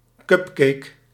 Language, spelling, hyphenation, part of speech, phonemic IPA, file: Dutch, cupcake, cup‧cake, noun, /ˈkʏp.keːk/, Nl-cupcake.ogg
- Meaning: a cupcake